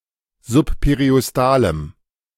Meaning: strong dative masculine/neuter singular of subperiostal
- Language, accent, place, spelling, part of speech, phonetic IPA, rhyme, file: German, Germany, Berlin, subperiostalem, adjective, [zʊppeʁiʔɔsˈtaːləm], -aːləm, De-subperiostalem.ogg